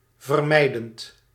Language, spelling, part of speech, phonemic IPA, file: Dutch, vermijdend, adjective / verb, /vərˈmɛidənt/, Nl-vermijdend.ogg
- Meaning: present participle of vermijden